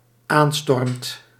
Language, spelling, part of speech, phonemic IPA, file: Dutch, aanstormt, verb, /ˈanstɔrᵊmt/, Nl-aanstormt.ogg
- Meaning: second/third-person singular dependent-clause present indicative of aanstormen